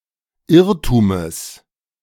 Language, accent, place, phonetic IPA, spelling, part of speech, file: German, Germany, Berlin, [ˈɪʁtuːməs], Irrtumes, noun, De-Irrtumes.ogg
- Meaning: genitive of Irrtum